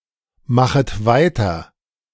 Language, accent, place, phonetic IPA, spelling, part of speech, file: German, Germany, Berlin, [ˌmaxət ˈvaɪ̯tɐ], machet weiter, verb, De-machet weiter.ogg
- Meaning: second-person plural subjunctive I of weitermachen